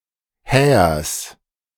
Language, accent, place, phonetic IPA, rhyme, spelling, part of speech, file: German, Germany, Berlin, [ˈhɛːɐs], -ɛːɐs, Hähers, noun, De-Hähers.ogg
- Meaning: genitive of Häher